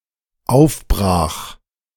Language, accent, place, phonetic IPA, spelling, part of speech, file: German, Germany, Berlin, [ˈaʊ̯fˌbʁaːx], aufbrach, verb, De-aufbrach.ogg
- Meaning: first/third-person singular dependent preterite of aufbrechen